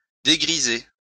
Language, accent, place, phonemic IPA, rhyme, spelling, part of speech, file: French, France, Lyon, /de.ɡʁi.ze/, -e, dégriser, verb, LL-Q150 (fra)-dégriser.wav
- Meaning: to sober up